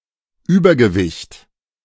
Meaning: 1. overweight, obesity 2. abundance, preponderance (large amount or number)
- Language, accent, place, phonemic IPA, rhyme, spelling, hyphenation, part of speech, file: German, Germany, Berlin, /ˈyːbɐɡəˌvɪçt/, -ɪçt, Übergewicht, Ü‧ber‧ge‧wicht, noun, De-Übergewicht.ogg